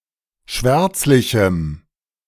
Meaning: strong dative masculine/neuter singular of schwärzlich
- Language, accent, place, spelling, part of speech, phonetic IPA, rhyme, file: German, Germany, Berlin, schwärzlichem, adjective, [ˈʃvɛʁt͡slɪçm̩], -ɛʁt͡slɪçm̩, De-schwärzlichem.ogg